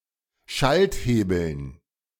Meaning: dative plural of Schalthebel
- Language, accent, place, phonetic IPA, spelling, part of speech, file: German, Germany, Berlin, [ˈʃaltˌheːbl̩n], Schalthebeln, noun, De-Schalthebeln.ogg